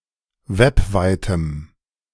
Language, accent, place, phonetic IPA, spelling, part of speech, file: German, Germany, Berlin, [ˈvɛpˌvaɪ̯təm], webweitem, adjective, De-webweitem.ogg
- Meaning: strong dative masculine/neuter singular of webweit